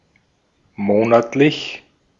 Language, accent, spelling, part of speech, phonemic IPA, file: German, Austria, monatlich, adjective / adverb, /ˈmoːnatlɪç/, De-at-monatlich.ogg
- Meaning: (adjective) monthly; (adverb) monthly, every month